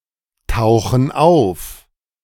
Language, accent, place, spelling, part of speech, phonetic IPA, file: German, Germany, Berlin, tauchen auf, verb, [ˌtaʊ̯xn̩ ˈaʊ̯f], De-tauchen auf.ogg
- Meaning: inflection of auftauchen: 1. first/third-person plural present 2. first/third-person plural subjunctive I